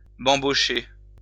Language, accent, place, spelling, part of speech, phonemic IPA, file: French, France, Lyon, bambocher, verb, /bɑ̃.bɔ.ʃe/, LL-Q150 (fra)-bambocher.wav
- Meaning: to feast (celebrate enthusiastically)